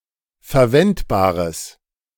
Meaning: strong/mixed nominative/accusative neuter singular of verwendbar
- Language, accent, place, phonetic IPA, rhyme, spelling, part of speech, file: German, Germany, Berlin, [fɛɐ̯ˈvɛntbaːʁəs], -ɛntbaːʁəs, verwendbares, adjective, De-verwendbares.ogg